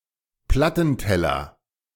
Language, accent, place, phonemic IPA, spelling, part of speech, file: German, Germany, Berlin, /ˈplatn̩ˌtɛlɐ/, Plattenteller, noun, De-Plattenteller.ogg
- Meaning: turntable